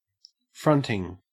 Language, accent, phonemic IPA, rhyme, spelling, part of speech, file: English, Australia, /ˈfɹʌntɪŋ/, -ʌntɪŋ, fronting, noun / verb, En-au-fronting.ogg
- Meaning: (noun) A process whereby a vowel or a consonant is pronounced farther to the front of the vocal tract than some reference point